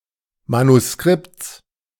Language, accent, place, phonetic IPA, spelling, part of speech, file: German, Germany, Berlin, [manuˈskʁɪpt͡s], Manuskripts, noun, De-Manuskripts.ogg
- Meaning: genitive singular of Manuskript